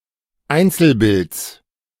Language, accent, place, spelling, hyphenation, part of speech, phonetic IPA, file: German, Germany, Berlin, Einzelbilds, Ein‧zel‧bilds, noun, [ˈaɪ̯nt͡sl̩̩ˌbɪlt͡s], De-Einzelbilds.ogg
- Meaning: genitive singular of Einzelbild